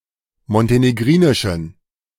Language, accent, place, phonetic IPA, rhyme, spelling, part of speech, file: German, Germany, Berlin, [mɔnteneˈɡʁiːnɪʃn̩], -iːnɪʃn̩, montenegrinischen, adjective, De-montenegrinischen.ogg
- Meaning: inflection of montenegrinisch: 1. strong genitive masculine/neuter singular 2. weak/mixed genitive/dative all-gender singular 3. strong/weak/mixed accusative masculine singular 4. strong dative plural